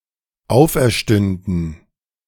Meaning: first/third-person plural dependent subjunctive II of auferstehen
- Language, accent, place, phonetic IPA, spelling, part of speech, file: German, Germany, Berlin, [ˈaʊ̯fʔɛɐ̯ˌʃtʏndn̩], auferstünden, verb, De-auferstünden.ogg